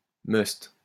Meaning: 1. that which is compulsory; an obligation; duty; must 2. must-have (item that one must own)
- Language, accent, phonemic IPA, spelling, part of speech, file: French, France, /mœst/, must, noun, LL-Q150 (fra)-must.wav